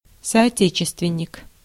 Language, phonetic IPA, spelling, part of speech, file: Russian, [sɐɐˈtʲet͡ɕɪstvʲɪnʲ(ː)ɪk], соотечественник, noun, Ru-соотечественник.ogg
- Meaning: compatriot, fellow countryman